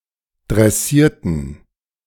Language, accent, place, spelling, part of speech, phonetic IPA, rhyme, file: German, Germany, Berlin, dressierten, adjective / verb, [dʁɛˈsiːɐ̯tn̩], -iːɐ̯tn̩, De-dressierten.ogg
- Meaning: inflection of dressieren: 1. first/third-person plural preterite 2. first/third-person plural subjunctive II